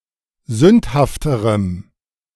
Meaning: strong dative masculine/neuter singular comparative degree of sündhaft
- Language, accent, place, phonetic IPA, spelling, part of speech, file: German, Germany, Berlin, [ˈzʏnthaftəʁəm], sündhafterem, adjective, De-sündhafterem.ogg